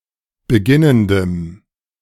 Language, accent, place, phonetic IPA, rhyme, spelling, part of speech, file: German, Germany, Berlin, [bəˈɡɪnəndəm], -ɪnəndəm, beginnendem, adjective, De-beginnendem.ogg
- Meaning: strong dative masculine/neuter singular of beginnend